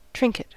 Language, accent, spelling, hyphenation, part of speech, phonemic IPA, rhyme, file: English, General American, trinket, trink‧et, noun / verb, /ˈtɹɪŋkɪt/, -ɪŋkɪt, En-us-trinket.ogg
- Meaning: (noun) 1. A small, showy ornament, especially a piece of jewellery 2. A thing of little practical and/or monetary value; a toy, a trifle 3. A small item of food; a small dainty